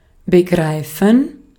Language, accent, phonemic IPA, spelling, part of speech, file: German, Austria, /bəˈɡʁaɪ̯fən/, begreifen, verb, De-at-begreifen.ogg
- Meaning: 1. to grasp fully; to comprehend; to conceive, to fathom 2. to understand intellectually 3. to consider (to be); to see (as)